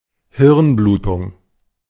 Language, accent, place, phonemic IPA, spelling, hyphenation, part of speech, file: German, Germany, Berlin, /ˈhɪʁnˌbluːtʊŋ/, Hirnblutung, Hirn‧blu‧tung, noun, De-Hirnblutung.ogg
- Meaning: cranial hemorrhage